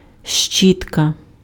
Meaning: brush
- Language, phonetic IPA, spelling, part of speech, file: Ukrainian, [ˈʃt͡ʃʲitkɐ], щітка, noun, Uk-щітка.ogg